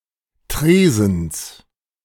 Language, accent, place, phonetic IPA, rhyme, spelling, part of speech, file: German, Germany, Berlin, [ˈtʁeːzn̩s], -eːzn̩s, Tresens, noun, De-Tresens.ogg
- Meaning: genitive singular of Tresen